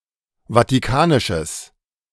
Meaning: strong/mixed nominative/accusative neuter singular of vatikanisch
- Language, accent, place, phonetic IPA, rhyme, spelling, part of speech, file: German, Germany, Berlin, [vatiˈkaːnɪʃəs], -aːnɪʃəs, vatikanisches, adjective, De-vatikanisches.ogg